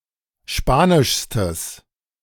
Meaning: strong/mixed nominative/accusative neuter singular superlative degree of spanisch
- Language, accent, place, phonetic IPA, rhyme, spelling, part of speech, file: German, Germany, Berlin, [ˈʃpaːnɪʃstəs], -aːnɪʃstəs, spanischstes, adjective, De-spanischstes.ogg